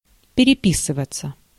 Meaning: 1. to be in correspondence 2. passive of перепи́сывать (perepísyvatʹ)
- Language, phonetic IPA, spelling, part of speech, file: Russian, [pʲɪrʲɪˈpʲisɨvət͡sə], переписываться, verb, Ru-переписываться.ogg